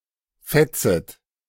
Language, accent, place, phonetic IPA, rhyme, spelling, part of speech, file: German, Germany, Berlin, [ˈfɛt͡sət], -ɛt͡sət, fetzet, verb, De-fetzet.ogg
- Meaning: second-person plural subjunctive I of fetzen